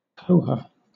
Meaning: 1. A Māori tradition of reciprocal giving of gifts 2. A voluntary donation given for a service that has been provided
- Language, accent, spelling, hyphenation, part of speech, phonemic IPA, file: English, Southern England, koha, ko‧ha, noun, /ˈkəʊhə/, LL-Q1860 (eng)-koha.wav